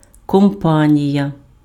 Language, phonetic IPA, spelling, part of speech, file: Ukrainian, [kɔmˈpanʲijɐ], компанія, noun, Uk-компанія.ogg
- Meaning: 1. company, firm 2. partnership 3. party, crew